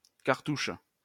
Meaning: 1. cartouche (ornamental figure) 2. cartouche (Egyptian hieroglyphic of name) 3. title block (technical drawing) 4. cartridge, round
- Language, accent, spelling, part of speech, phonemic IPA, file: French, France, cartouche, noun, /kaʁ.tuʃ/, LL-Q150 (fra)-cartouche.wav